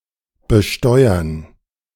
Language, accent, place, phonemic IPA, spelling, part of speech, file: German, Germany, Berlin, /bəˈʃtɔɪ̯ɐn/, besteuern, verb, De-besteuern.ogg
- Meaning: to tax